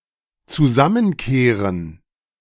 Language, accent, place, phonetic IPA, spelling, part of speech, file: German, Germany, Berlin, [t͡suˈzamənˌkeːʁən], zusammenkehren, verb, De-zusammenkehren.ogg
- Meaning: 1. to pile up 2. to sweep up